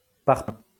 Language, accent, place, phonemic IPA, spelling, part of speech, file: French, France, Lyon, /paʁ.pɛ̃/, parpaing, noun / adjective, LL-Q150 (fra)-parpaing.wav
- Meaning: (noun) 1. perpend stone, through stone 2. breeze-block (building block); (adjective) through (stone, ashlar)